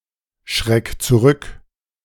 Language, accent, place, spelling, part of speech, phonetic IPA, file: German, Germany, Berlin, schreck zurück, verb, [ˌʃʁɛk t͡suˈʁʏk], De-schreck zurück.ogg
- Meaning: 1. singular imperative of zurückschrecken 2. first-person singular present of zurückschrecken